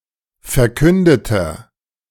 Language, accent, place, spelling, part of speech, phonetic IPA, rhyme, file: German, Germany, Berlin, verkündeter, adjective, [fɛɐ̯ˈkʏndətɐ], -ʏndətɐ, De-verkündeter.ogg
- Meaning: inflection of verkündet: 1. strong/mixed nominative masculine singular 2. strong genitive/dative feminine singular 3. strong genitive plural